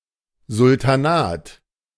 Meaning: sultanate
- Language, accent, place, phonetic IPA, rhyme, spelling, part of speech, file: German, Germany, Berlin, [zʊltaˈnaːt], -aːt, Sultanat, noun, De-Sultanat.ogg